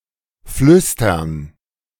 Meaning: to whisper
- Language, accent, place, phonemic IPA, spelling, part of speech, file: German, Germany, Berlin, /ˈflʏstɐn/, flüstern, verb, De-flüstern.ogg